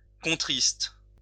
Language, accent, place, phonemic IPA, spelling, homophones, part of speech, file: French, France, Lyon, /kɔ̃.tʁist/, contriste, contristent / contristes, verb, LL-Q150 (fra)-contriste.wav
- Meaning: inflection of contrister: 1. first/third-person singular present indicative/subjunctive 2. second-person singular imperative